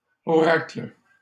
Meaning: plural of oracle
- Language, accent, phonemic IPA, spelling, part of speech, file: French, Canada, /ɔ.ʁakl/, oracles, noun, LL-Q150 (fra)-oracles.wav